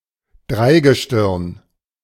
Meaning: 1. constellation of three stars 2. group of three 3. group of three figures in the carnival customs of Cologne: Prinz (“prince”), Bauer (“peasant”) and Jungfrau (“virgin”)
- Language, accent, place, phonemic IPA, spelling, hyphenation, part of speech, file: German, Germany, Berlin, /ˈdʁaɪ̯ɡəˌʃtɪʁn/, Dreigestirn, Drei‧ge‧stirn, noun, De-Dreigestirn.ogg